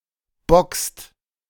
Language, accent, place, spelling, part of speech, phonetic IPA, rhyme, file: German, Germany, Berlin, boxt, verb, [bɔkst], -ɔkst, De-boxt.ogg
- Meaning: inflection of boxen: 1. second/third-person singular present 2. second-person plural present 3. plural imperative